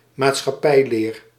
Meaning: civics (school subject)
- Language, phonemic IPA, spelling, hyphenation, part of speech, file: Dutch, /maːt.sxɑˈpɛi̯ˌleːr/, maatschappijleer, maat‧schap‧pij‧leer, noun, Nl-maatschappijleer.ogg